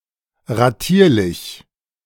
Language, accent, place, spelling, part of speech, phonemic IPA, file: German, Germany, Berlin, ratierlich, adjective, /ʁaˈtiːɐ̯lɪç/, De-ratierlich.ogg
- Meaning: in installments